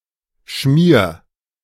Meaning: singular imperative of schmieren
- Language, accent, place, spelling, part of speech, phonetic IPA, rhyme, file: German, Germany, Berlin, schmier, verb, [ʃmiːɐ̯], -iːɐ̯, De-schmier.ogg